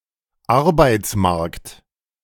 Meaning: labor market, job market
- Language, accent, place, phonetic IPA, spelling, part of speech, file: German, Germany, Berlin, [ˈaʁbaɪ̯t͡sˌmaʁkt], Arbeitsmarkt, noun, De-Arbeitsmarkt.ogg